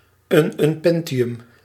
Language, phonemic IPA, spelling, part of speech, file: Dutch, /ˌynʏnˈpɛntiˌjʏm/, ununpentium, noun, Nl-ununpentium.ogg
- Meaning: ununpentium